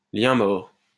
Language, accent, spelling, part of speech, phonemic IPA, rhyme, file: French, France, lien mort, noun, /ljɛ̃ mɔʁ/, -ɔʁ, LL-Q150 (fra)-lien mort.wav
- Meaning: dead link